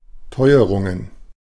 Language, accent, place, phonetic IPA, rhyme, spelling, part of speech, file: German, Germany, Berlin, [ˈtɔɪ̯əʁʊŋən], -ɔɪ̯əʁʊŋən, Teuerungen, noun, De-Teuerungen.ogg
- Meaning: plural of Teuerung